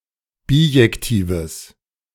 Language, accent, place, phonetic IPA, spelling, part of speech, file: German, Germany, Berlin, [ˈbiːjɛktiːvəs], bijektives, adjective, De-bijektives.ogg
- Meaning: strong/mixed nominative/accusative neuter singular of bijektiv